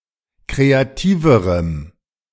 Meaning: strong dative masculine/neuter singular comparative degree of kreativ
- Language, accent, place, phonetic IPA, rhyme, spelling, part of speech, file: German, Germany, Berlin, [ˌkʁeaˈtiːvəʁəm], -iːvəʁəm, kreativerem, adjective, De-kreativerem.ogg